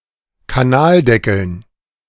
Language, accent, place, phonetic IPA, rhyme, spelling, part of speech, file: German, Germany, Berlin, [kaˈnaːlˌdɛkl̩n], -aːldɛkl̩n, Kanaldeckeln, noun, De-Kanaldeckeln.ogg
- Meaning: dative plural of Kanaldeckel